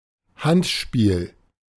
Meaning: handball (offence of touching the ball with the hands or arms)
- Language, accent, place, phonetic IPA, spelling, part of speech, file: German, Germany, Berlin, [ˈhantˌʃpiːl], Handspiel, noun, De-Handspiel.ogg